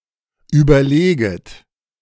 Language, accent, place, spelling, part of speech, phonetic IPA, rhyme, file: German, Germany, Berlin, überleget, verb, [ˌyːbɐˈleːɡət], -eːɡət, De-überleget.ogg
- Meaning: second-person plural subjunctive I of überlegen